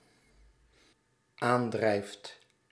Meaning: second/third-person singular dependent-clause present indicative of aandrijven
- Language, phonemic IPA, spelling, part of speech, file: Dutch, /ˈandrɛift/, aandrijft, verb, Nl-aandrijft.ogg